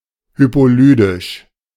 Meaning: hypolydian
- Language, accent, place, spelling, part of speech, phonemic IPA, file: German, Germany, Berlin, hypolydisch, adjective, /ˌhypoˈlyːdɪʃ/, De-hypolydisch.ogg